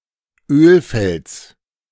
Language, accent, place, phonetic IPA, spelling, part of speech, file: German, Germany, Berlin, [ˈøːlˌfɛlt͡s], Ölfelds, noun, De-Ölfelds.ogg
- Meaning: genitive singular of Ölfeld